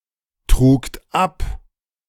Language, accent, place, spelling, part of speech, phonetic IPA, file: German, Germany, Berlin, trugt ab, verb, [ˌtʁuːkt ˈap], De-trugt ab.ogg
- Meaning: second-person plural preterite of abtragen